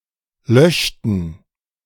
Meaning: inflection of löschen: 1. first/third-person plural preterite 2. first/third-person plural subjunctive II
- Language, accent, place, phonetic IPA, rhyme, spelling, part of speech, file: German, Germany, Berlin, [ˈlœʃtn̩], -œʃtn̩, löschten, verb, De-löschten.ogg